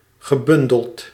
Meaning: past participle of bundelen
- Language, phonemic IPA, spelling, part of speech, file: Dutch, /ɣəˈbʏndəlt/, gebundeld, verb / adjective, Nl-gebundeld.ogg